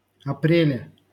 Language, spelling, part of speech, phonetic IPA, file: Russian, апреле, noun, [ɐˈprʲelʲe], LL-Q7737 (rus)-апреле.wav
- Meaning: prepositional singular of апре́ль (aprélʹ)